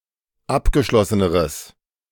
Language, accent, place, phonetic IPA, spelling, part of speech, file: German, Germany, Berlin, [ˈapɡəˌʃlɔsənəʁəs], abgeschlosseneres, adjective, De-abgeschlosseneres.ogg
- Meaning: strong/mixed nominative/accusative neuter singular comparative degree of abgeschlossen